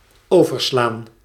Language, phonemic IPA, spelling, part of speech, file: Dutch, /ˈoːvərˌslaːn/, overslaan, verb, Nl-overslaan.ogg
- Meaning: 1. to reduce the frequency of 2. to skip, to omit from a sequence 3. to arc (electrical discharge) 4. to jump species 5. to transfer (cargo)